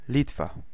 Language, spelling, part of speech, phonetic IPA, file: Polish, Litwa, proper noun, [ˈlʲitfa], Pl-Litwa.ogg